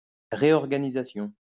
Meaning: reorganisation
- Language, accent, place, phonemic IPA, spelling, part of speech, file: French, France, Lyon, /ʁe.ɔʁ.ɡa.ni.za.sjɔ̃/, réorganisation, noun, LL-Q150 (fra)-réorganisation.wav